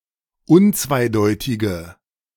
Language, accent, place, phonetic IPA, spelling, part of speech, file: German, Germany, Berlin, [ˈʊnt͡svaɪ̯ˌdɔɪ̯tɪɡə], unzweideutige, adjective, De-unzweideutige.ogg
- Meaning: inflection of unzweideutig: 1. strong/mixed nominative/accusative feminine singular 2. strong nominative/accusative plural 3. weak nominative all-gender singular